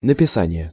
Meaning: writing, way of writing, spelling
- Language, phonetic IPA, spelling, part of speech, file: Russian, [nəpʲɪˈsanʲɪje], написание, noun, Ru-написание.ogg